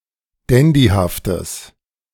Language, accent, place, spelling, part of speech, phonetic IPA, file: German, Germany, Berlin, dandyhaftes, adjective, [ˈdɛndihaftəs], De-dandyhaftes.ogg
- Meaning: strong/mixed nominative/accusative neuter singular of dandyhaft